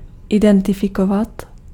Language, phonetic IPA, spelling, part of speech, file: Czech, [ˈɪdɛntɪfɪkovat], identifikovat, verb, Cs-identifikovat.ogg
- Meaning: to identify (to establish the identity of someone or something)